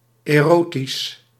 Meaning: erotic
- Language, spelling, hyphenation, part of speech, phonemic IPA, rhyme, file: Dutch, erotisch, ero‧tisch, adjective, /eːˈroː.tis/, -oːtis, Nl-erotisch.ogg